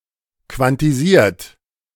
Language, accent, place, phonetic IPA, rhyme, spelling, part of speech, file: German, Germany, Berlin, [kvantiˈziːɐ̯t], -iːɐ̯t, quantisiert, verb, De-quantisiert.ogg
- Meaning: 1. past participle of quantisieren 2. inflection of quantisieren: third-person singular present 3. inflection of quantisieren: second-person plural present